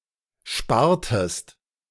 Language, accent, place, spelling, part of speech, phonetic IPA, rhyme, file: German, Germany, Berlin, spartest, verb, [ˈʃpaːɐ̯təst], -aːɐ̯təst, De-spartest.ogg
- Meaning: inflection of sparen: 1. second-person singular preterite 2. second-person singular subjunctive II